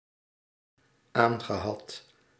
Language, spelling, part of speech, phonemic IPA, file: Dutch, aangehad, verb, /ˈaŋɣəˌhɑt/, Nl-aangehad.ogg
- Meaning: past participle of aanhebben